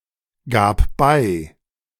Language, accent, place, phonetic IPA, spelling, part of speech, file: German, Germany, Berlin, [ˌɡaːp ˈbaɪ̯], gab bei, verb, De-gab bei.ogg
- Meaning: first/third-person singular preterite of beigeben